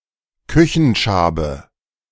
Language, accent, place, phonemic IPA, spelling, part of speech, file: German, Germany, Berlin, /ˈkʏ.çənˌʃaː.bə/, Küchenschabe, noun, De-Küchenschabe.ogg
- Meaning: cockroach